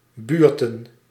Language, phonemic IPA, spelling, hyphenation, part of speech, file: Dutch, /ˈbyːr.tə(n)/, buurten, buur‧ten, noun / verb, Nl-buurten.ogg
- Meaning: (noun) plural of buurt; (verb) to visit a neighbour